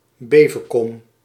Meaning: Beauvechain, a town in Belgium
- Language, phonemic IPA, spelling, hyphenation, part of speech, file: Dutch, /ˈbeː.və.kɔm/, Bevekom, Be‧ve‧kom, proper noun, Nl-Bevekom.ogg